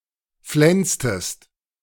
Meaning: inflection of flensen: 1. second-person singular preterite 2. second-person singular subjunctive II
- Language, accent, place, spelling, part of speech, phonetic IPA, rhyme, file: German, Germany, Berlin, flenstest, verb, [ˈflɛnstəst], -ɛnstəst, De-flenstest.ogg